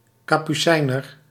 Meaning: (adjective) Capuchin; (noun) a field pea, variety of Pisum sativum
- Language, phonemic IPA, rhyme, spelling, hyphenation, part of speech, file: Dutch, /ˌkaː.pyˈsɛi̯.nər/, -ɛi̯nər, kapucijner, ka‧pu‧cij‧ner, adjective / noun, Nl-kapucijner.ogg